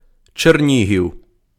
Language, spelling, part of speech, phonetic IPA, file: Ukrainian, Чернігів, proper noun, [t͡ʃerˈnʲiɦʲiu̯], Uk-Чернігів.ogg
- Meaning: Chernihiv (a city in Ukraine)